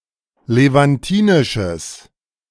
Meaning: strong/mixed nominative/accusative neuter singular of levantinisch
- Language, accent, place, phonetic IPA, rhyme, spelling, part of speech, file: German, Germany, Berlin, [levanˈtiːnɪʃəs], -iːnɪʃəs, levantinisches, adjective, De-levantinisches.ogg